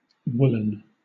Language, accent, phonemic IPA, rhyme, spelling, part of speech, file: English, Southern England, /ˈwʊlən/, -ʊlən, woolen, adjective / noun, LL-Q1860 (eng)-woolen.wav
- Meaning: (adjective) 1. Made of wool 2. Of or relating to wool or woolen cloths; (noun) An item of clothing made from wool